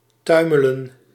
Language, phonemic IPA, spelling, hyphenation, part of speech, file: Dutch, /ˈtœy̯.mə.lə(n)/, tuimelen, tui‧me‧len, verb, Nl-tuimelen.ogg
- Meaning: to tumble